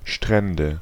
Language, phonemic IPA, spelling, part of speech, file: German, /ˈʃtʁɛndə/, Strände, noun, De-Strände.ogg
- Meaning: nominative/accusative/genitive plural of Strand "beaches"